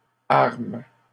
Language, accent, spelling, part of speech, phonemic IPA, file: French, Canada, arment, verb, /aʁm/, LL-Q150 (fra)-arment.wav
- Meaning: third-person plural present indicative/subjunctive of armer